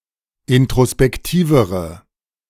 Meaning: inflection of introspektiv: 1. strong/mixed nominative/accusative feminine singular comparative degree 2. strong nominative/accusative plural comparative degree
- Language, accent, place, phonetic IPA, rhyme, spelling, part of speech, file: German, Germany, Berlin, [ɪntʁospɛkˈtiːvəʁə], -iːvəʁə, introspektivere, adjective, De-introspektivere.ogg